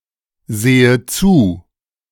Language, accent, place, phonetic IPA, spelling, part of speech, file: German, Germany, Berlin, [ˌzeːə ˈt͡suː], sehe zu, verb, De-sehe zu.ogg
- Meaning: inflection of zusehen: 1. first-person singular present 2. first/third-person singular subjunctive I